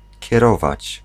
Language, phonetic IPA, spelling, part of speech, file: Polish, [cɛˈrɔvat͡ɕ], kierować, verb, Pl-kierować.ogg